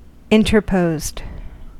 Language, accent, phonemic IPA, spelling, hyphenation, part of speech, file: English, US, /ˌɪn.tɚˈpoʊzd/, interposed, in‧ter‧posed, verb, En-us-interposed.ogg
- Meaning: simple past and past participle of interpose